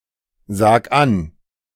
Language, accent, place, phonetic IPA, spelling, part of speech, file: German, Germany, Berlin, [ˌzaːk ˈan], sag an, verb, De-sag an.ogg
- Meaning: 1. singular imperative of ansagen 2. first-person singular present of ansagen